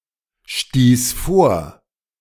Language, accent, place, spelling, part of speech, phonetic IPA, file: German, Germany, Berlin, stieß vor, verb, [ˌʃtiːs ˈfoːɐ̯], De-stieß vor.ogg
- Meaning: first/third-person singular preterite of vorstoßen